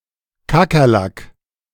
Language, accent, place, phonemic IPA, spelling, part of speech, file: German, Germany, Berlin, /ˈkaːkɐˌlaːk/, Kakerlak, noun, De-Kakerlak.ogg
- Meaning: alternative form of Kakerlake